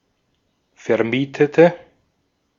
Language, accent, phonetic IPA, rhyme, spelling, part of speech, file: German, Austria, [fɛɐ̯ˈmiːtətə], -iːtətə, vermietete, adjective / verb, De-at-vermietete.ogg
- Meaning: inflection of vermieten: 1. first/third-person singular preterite 2. first/third-person singular subjunctive II